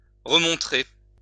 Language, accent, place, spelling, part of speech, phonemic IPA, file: French, France, Lyon, remontrer, verb, /ʁə.mɔ̃.tʁe/, LL-Q150 (fra)-remontrer.wav
- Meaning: to show again